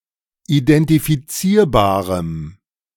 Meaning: strong dative masculine/neuter singular of identifizierbar
- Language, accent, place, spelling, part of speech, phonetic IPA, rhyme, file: German, Germany, Berlin, identifizierbarem, adjective, [idɛntifiˈt͡siːɐ̯baːʁəm], -iːɐ̯baːʁəm, De-identifizierbarem.ogg